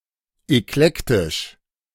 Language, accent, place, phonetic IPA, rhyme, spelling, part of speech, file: German, Germany, Berlin, [ɛkˈlɛktɪʃ], -ɛktɪʃ, eklektisch, adjective, De-eklektisch.ogg
- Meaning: eclectic